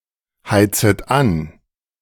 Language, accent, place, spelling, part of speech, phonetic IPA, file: German, Germany, Berlin, heizet an, verb, [ˌhaɪ̯t͡sət ˈan], De-heizet an.ogg
- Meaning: second-person plural subjunctive I of anheizen